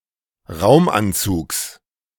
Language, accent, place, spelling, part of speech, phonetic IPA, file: German, Germany, Berlin, Raumanzugs, noun, [ˈʁaʊ̯mʔanˌt͡suːks], De-Raumanzugs.ogg
- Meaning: genitive singular of Raumanzug